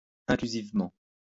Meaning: inclusively
- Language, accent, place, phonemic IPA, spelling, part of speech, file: French, France, Lyon, /ɛ̃.kly.ziv.mɑ̃/, inclusivement, adverb, LL-Q150 (fra)-inclusivement.wav